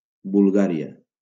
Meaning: Bulgaria (a country in Southeastern Europe)
- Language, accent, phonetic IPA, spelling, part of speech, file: Catalan, Valencia, [bulˈɣa.ɾi.a], Bulgària, proper noun, LL-Q7026 (cat)-Bulgària.wav